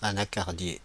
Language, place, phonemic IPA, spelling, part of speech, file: French, Paris, /a.na.kaʁ.dje/, anacardier, noun, Fr-Anacardier.oga
- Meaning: cashew (tree)